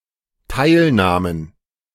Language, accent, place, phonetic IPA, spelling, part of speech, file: German, Germany, Berlin, [ˈtaɪ̯lˌnaːmən], Teilnahmen, noun, De-Teilnahmen.ogg
- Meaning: plural of Teilnahme